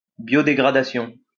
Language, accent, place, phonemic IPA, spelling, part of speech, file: French, France, Lyon, /bjɔ.de.ɡʁa.da.sjɔ̃/, biodégradation, noun, LL-Q150 (fra)-biodégradation.wav
- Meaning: biodegradation